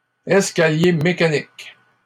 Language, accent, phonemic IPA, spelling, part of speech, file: French, Canada, /ɛs.ka.lje me.ka.nik/, escalier mécanique, noun, LL-Q150 (fra)-escalier mécanique.wav
- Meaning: escalator (mechanical device)